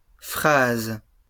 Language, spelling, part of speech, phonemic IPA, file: French, phrases, noun / verb, /fʁaz/, LL-Q150 (fra)-phrases.wav
- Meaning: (noun) plural of phrase; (verb) second-person singular present indicative/subjunctive of phraser